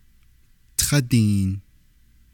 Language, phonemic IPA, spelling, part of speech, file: Navajo, /tʰɑ́tìːn/, tádiin, numeral, Nv-tádiin.ogg
- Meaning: thirty